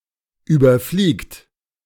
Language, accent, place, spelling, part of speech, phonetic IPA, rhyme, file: German, Germany, Berlin, überfliegt, verb, [ˌyːbɐˈfliːkt], -iːkt, De-überfliegt.ogg
- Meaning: inflection of überfliegen: 1. third-person singular present 2. second-person plural present 3. plural imperative